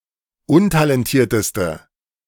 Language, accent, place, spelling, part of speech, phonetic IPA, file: German, Germany, Berlin, untalentierteste, adjective, [ˈʊntalɛnˌtiːɐ̯təstə], De-untalentierteste.ogg
- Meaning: inflection of untalentiert: 1. strong/mixed nominative/accusative feminine singular superlative degree 2. strong nominative/accusative plural superlative degree